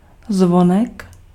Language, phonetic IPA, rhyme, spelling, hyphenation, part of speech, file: Czech, [ˈzvonɛk], -onɛk, zvonek, zvo‧nek, noun, Cs-zvonek.ogg
- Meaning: 1. diminutive of zvon 2. doorbell (device on or adjacent to an outer door for announcing one's presence) 3. bellflower 4. greenfinch (any of several birds)